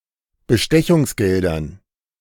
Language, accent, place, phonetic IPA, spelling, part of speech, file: German, Germany, Berlin, [bəˈʃtɛçʊŋsˌɡɛldɐn], Bestechungsgeldern, noun, De-Bestechungsgeldern.ogg
- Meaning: dative plural of Bestechungsgeld